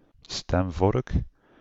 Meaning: a tuning fork
- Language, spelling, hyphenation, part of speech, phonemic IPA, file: Dutch, stemvork, stem‧vork, noun, /ˈstɛm.vɔrk/, Nl-stemvork.ogg